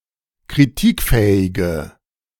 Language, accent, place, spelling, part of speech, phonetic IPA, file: German, Germany, Berlin, kritikfähige, adjective, [kʁiˈtiːkˌfɛːɪɡə], De-kritikfähige.ogg
- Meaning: inflection of kritikfähig: 1. strong/mixed nominative/accusative feminine singular 2. strong nominative/accusative plural 3. weak nominative all-gender singular